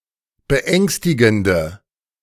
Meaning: inflection of beängstigend: 1. strong/mixed nominative/accusative feminine singular 2. strong nominative/accusative plural 3. weak nominative all-gender singular
- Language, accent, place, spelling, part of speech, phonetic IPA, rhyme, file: German, Germany, Berlin, beängstigende, adjective, [bəˈʔɛŋstɪɡn̩də], -ɛŋstɪɡn̩də, De-beängstigende.ogg